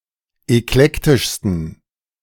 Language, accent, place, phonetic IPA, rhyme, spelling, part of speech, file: German, Germany, Berlin, [ɛkˈlɛktɪʃstn̩], -ɛktɪʃstn̩, eklektischsten, adjective, De-eklektischsten.ogg
- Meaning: 1. superlative degree of eklektisch 2. inflection of eklektisch: strong genitive masculine/neuter singular superlative degree